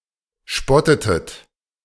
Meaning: inflection of spotten: 1. second-person plural preterite 2. second-person plural subjunctive II
- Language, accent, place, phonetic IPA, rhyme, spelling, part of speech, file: German, Germany, Berlin, [ˈʃpɔtətət], -ɔtətət, spottetet, verb, De-spottetet.ogg